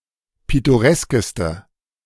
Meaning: inflection of pittoresk: 1. strong/mixed nominative/accusative feminine singular superlative degree 2. strong nominative/accusative plural superlative degree
- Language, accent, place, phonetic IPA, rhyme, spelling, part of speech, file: German, Germany, Berlin, [ˌpɪtoˈʁɛskəstə], -ɛskəstə, pittoreskeste, adjective, De-pittoreskeste.ogg